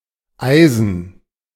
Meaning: genitive singular of Eisen
- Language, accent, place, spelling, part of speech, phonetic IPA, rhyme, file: German, Germany, Berlin, Eisens, noun, [ˈaɪ̯zn̩s], -aɪ̯zn̩s, De-Eisens.ogg